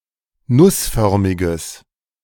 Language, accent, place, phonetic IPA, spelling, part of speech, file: German, Germany, Berlin, [ˈnʊsˌfœʁmɪɡəs], nussförmiges, adjective, De-nussförmiges.ogg
- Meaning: strong/mixed nominative/accusative neuter singular of nussförmig